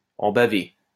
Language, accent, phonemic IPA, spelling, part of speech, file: French, France, /ɑ̃ ba.ve/, en baver, verb, LL-Q150 (fra)-en baver.wav
- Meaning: to go through hell, to suffer, to have a hard time, to have a rough time of it; to go through the mill (with a purpose)